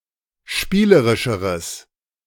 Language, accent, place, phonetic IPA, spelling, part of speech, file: German, Germany, Berlin, [ˈʃpiːləʁɪʃəʁəs], spielerischeres, adjective, De-spielerischeres.ogg
- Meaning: strong/mixed nominative/accusative neuter singular comparative degree of spielerisch